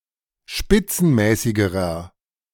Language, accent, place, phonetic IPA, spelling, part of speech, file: German, Germany, Berlin, [ˈʃpɪt͡sn̩ˌmɛːsɪɡəʁɐ], spitzenmäßigerer, adjective, De-spitzenmäßigerer.ogg
- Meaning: inflection of spitzenmäßig: 1. strong/mixed nominative masculine singular comparative degree 2. strong genitive/dative feminine singular comparative degree 3. strong genitive plural comparative degree